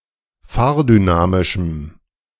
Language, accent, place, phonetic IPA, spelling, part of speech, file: German, Germany, Berlin, [ˈfaːɐ̯dyˌnaːmɪʃm̩], fahrdynamischem, adjective, De-fahrdynamischem.ogg
- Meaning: strong dative masculine/neuter singular of fahrdynamisch